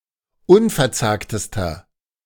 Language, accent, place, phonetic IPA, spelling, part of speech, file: German, Germany, Berlin, [ˈʊnfɛɐ̯ˌt͡saːktəstɐ], unverzagtester, adjective, De-unverzagtester.ogg
- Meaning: inflection of unverzagt: 1. strong/mixed nominative masculine singular superlative degree 2. strong genitive/dative feminine singular superlative degree 3. strong genitive plural superlative degree